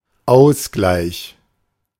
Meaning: 1. compensation 2. hotchpot 3. equalizer, tie (goal, run, point, etc. that equalises the score)
- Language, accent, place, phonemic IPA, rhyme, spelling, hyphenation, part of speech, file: German, Germany, Berlin, /ˈaʊ̯sɡlaɪ̯ç/, -aɪ̯ç, Ausgleich, Aus‧gleich, noun, De-Ausgleich.ogg